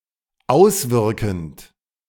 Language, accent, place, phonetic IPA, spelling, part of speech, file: German, Germany, Berlin, [ˈaʊ̯sˌvɪʁkn̩t], auswirkend, verb, De-auswirkend.ogg
- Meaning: present participle of auswirken